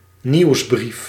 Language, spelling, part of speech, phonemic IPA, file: Dutch, nieuwsbrief, noun, /ˈniwzbrif/, Nl-nieuwsbrief.ogg
- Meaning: newsletter